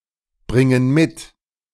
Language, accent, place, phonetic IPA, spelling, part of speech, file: German, Germany, Berlin, [ˌbʁɪŋən ˈmɪt], bringen mit, verb, De-bringen mit.ogg
- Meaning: inflection of mitbringen: 1. first/third-person plural present 2. first/third-person plural subjunctive I